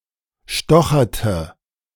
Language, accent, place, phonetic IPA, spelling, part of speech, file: German, Germany, Berlin, [ˈʃtɔxɐtə], stocherte, verb, De-stocherte.ogg
- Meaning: inflection of stochern: 1. first/third-person singular preterite 2. first/third-person singular subjunctive II